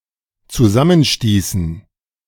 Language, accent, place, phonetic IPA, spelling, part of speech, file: German, Germany, Berlin, [t͡suˈzamənˌʃtiːsn̩], zusammenstießen, verb, De-zusammenstießen.ogg
- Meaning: inflection of zusammenstoßen: 1. first/third-person plural dependent preterite 2. first/third-person plural dependent subjunctive II